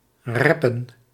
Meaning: to rap (speak lyrics in the style of rap music)
- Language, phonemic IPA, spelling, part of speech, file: Dutch, /ˈrɛpə(n)/, rappen, verb, Nl-rappen.ogg